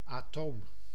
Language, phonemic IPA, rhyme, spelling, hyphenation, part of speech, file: Dutch, /aːˈtoːm/, -oːm, atoom, atoom, noun, Nl-atoom.ogg
- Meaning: 1. an atom (building bloc of molecules) 2. a tiny bit